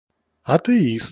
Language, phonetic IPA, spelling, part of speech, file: Russian, [ɐtɨˈist], атеист, noun, Ru-атеист.ogg
- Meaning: atheist